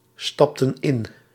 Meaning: inflection of instappen: 1. plural past indicative 2. plural past subjunctive
- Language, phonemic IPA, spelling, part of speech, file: Dutch, /ˈstɑptə(n) ˈɪn/, stapten in, verb, Nl-stapten in.ogg